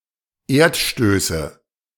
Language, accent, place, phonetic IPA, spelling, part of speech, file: German, Germany, Berlin, [ˈeːɐ̯tˌʃtøːsə], Erdstöße, noun, De-Erdstöße.ogg
- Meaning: nominative/accusative/genitive plural of Erdstoß